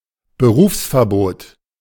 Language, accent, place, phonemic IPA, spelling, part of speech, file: German, Germany, Berlin, /bəˈruːfsfɛɐ̯boːt/, Berufsverbot, noun, De-Berufsverbot.ogg
- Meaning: an order of "professional disqualification" under German law which disqualifies the recipient from engaging in certain professions